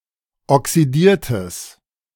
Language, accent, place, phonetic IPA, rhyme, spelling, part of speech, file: German, Germany, Berlin, [ɔksiˈdiːɐ̯təs], -iːɐ̯təs, oxidiertes, adjective, De-oxidiertes.ogg
- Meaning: strong/mixed nominative/accusative neuter singular of oxidiert